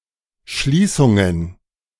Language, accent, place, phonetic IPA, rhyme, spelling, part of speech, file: German, Germany, Berlin, [ˈʃliːsʊŋən], -iːsʊŋən, Schließungen, noun, De-Schließungen.ogg
- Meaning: plural of Schließung